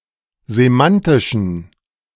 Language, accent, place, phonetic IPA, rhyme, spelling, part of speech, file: German, Germany, Berlin, [zeˈmantɪʃn̩], -antɪʃn̩, semantischen, adjective, De-semantischen.ogg
- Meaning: inflection of semantisch: 1. strong genitive masculine/neuter singular 2. weak/mixed genitive/dative all-gender singular 3. strong/weak/mixed accusative masculine singular 4. strong dative plural